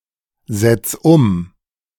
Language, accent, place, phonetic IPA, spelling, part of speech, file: German, Germany, Berlin, [ˌzɛt͡s ˈʊm], setz um, verb, De-setz um.ogg
- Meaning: 1. singular imperative of umsetzen 2. first-person singular present of umsetzen